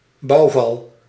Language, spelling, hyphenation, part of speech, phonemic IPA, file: Dutch, bouwval, bouw‧val, noun, /ˈbɑu̯.vɑl/, Nl-bouwval.ogg
- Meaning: a ruin, a ramshackle building